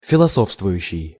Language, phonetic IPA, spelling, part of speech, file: Russian, [fʲɪɫɐˈsofstvʊjʉɕːɪj], философствующий, verb, Ru-философствующий.ogg
- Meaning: present active imperfective participle of филосо́фствовать (filosófstvovatʹ)